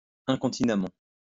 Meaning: incontinently
- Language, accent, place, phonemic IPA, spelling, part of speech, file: French, France, Lyon, /ɛ̃.kɔ̃.ti.na.mɑ̃/, incontinemment, adverb, LL-Q150 (fra)-incontinemment.wav